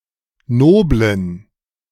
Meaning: inflection of nobel: 1. strong genitive masculine/neuter singular 2. weak/mixed genitive/dative all-gender singular 3. strong/weak/mixed accusative masculine singular 4. strong dative plural
- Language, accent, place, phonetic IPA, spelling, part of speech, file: German, Germany, Berlin, [ˈnoːblən], noblen, adjective, De-noblen.ogg